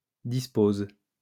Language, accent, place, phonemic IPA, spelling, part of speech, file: French, France, Lyon, /dis.poz/, dispose, verb, LL-Q150 (fra)-dispose.wav
- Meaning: inflection of disposer: 1. first/third-person singular present indicative/subjunctive 2. second-person singular imperative